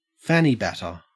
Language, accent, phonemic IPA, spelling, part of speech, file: English, Australia, /ˈfaniˌbatə/, fanny batter, noun, En-au-fanny batter.ogg
- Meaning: The vaginal discharge of a sexually aroused woman